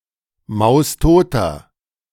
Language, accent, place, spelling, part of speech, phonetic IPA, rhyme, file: German, Germany, Berlin, maustoter, adjective, [ˌmaʊ̯sˈtoːtɐ], -oːtɐ, De-maustoter.ogg
- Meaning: inflection of maustot: 1. strong/mixed nominative masculine singular 2. strong genitive/dative feminine singular 3. strong genitive plural